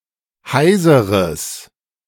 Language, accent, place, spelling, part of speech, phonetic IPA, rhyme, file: German, Germany, Berlin, heiseres, adjective, [ˈhaɪ̯zəʁəs], -aɪ̯zəʁəs, De-heiseres.ogg
- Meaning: strong/mixed nominative/accusative neuter singular of heiser